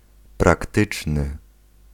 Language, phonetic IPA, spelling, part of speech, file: Polish, [prakˈtɨt͡ʃnɨ], praktyczny, adjective, Pl-praktyczny.ogg